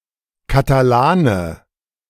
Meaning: Catalan, (male) person from or inhabitant of Catalonia
- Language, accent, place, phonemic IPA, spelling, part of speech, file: German, Germany, Berlin, /kataˈlaːnə/, Katalane, noun, De-Katalane.ogg